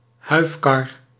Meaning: covered wagon, especially a prairie schooner
- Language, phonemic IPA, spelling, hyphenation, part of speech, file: Dutch, /ˈɦœy̯f.kɑr/, huifkar, huif‧kar, noun, Nl-huifkar.ogg